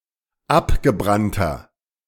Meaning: inflection of abgebrannt: 1. strong/mixed nominative masculine singular 2. strong genitive/dative feminine singular 3. strong genitive plural
- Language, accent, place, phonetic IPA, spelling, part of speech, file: German, Germany, Berlin, [ˈapɡəˌbʁantɐ], abgebrannter, adjective, De-abgebrannter.ogg